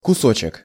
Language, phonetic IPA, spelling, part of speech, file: Russian, [kʊˈsot͡ɕɪk], кусочек, noun, Ru-кусочек.ogg
- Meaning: diminutive of кусо́к (kusók): piece, bit, morsel